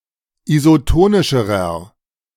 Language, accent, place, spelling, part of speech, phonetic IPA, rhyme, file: German, Germany, Berlin, isotonischerer, adjective, [izoˈtoːnɪʃəʁɐ], -oːnɪʃəʁɐ, De-isotonischerer.ogg
- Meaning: inflection of isotonisch: 1. strong/mixed nominative masculine singular comparative degree 2. strong genitive/dative feminine singular comparative degree 3. strong genitive plural comparative degree